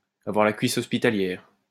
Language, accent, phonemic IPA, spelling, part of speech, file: French, France, /a.vwaʁ la kɥi.s‿ɔs.pi.ta.ljɛʁ/, avoir la cuisse hospitalière, verb, LL-Q150 (fra)-avoir la cuisse hospitalière.wav
- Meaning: synonym of avoir la cuisse légère